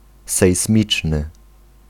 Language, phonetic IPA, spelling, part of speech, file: Polish, [sɛjsˈmʲit͡ʃnɨ], sejsmiczny, adjective, Pl-sejsmiczny.ogg